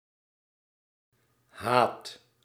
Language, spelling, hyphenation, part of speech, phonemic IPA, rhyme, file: Dutch, haat, haat, noun / verb, /ɦaːt/, -aːt, Nl-haat.ogg
- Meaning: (noun) hatred; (verb) inflection of haten: 1. first/second/third-person singular present indicative 2. imperative